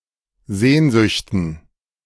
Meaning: dative plural of Sehnsucht
- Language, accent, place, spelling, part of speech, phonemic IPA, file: German, Germany, Berlin, Sehnsüchten, noun, /ˈzeːnzʏçtən/, De-Sehnsüchten.ogg